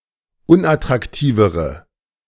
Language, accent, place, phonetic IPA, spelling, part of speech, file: German, Germany, Berlin, [ˈʊnʔatʁakˌtiːvəʁə], unattraktivere, adjective, De-unattraktivere.ogg
- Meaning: inflection of unattraktiv: 1. strong/mixed nominative/accusative feminine singular comparative degree 2. strong nominative/accusative plural comparative degree